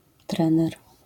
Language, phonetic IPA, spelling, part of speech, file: Polish, [ˈtrɛ̃nɛr], trener, noun, LL-Q809 (pol)-trener.wav